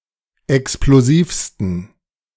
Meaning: 1. superlative degree of explosiv 2. inflection of explosiv: strong genitive masculine/neuter singular superlative degree
- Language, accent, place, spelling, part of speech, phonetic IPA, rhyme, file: German, Germany, Berlin, explosivsten, adjective, [ɛksploˈziːfstn̩], -iːfstn̩, De-explosivsten.ogg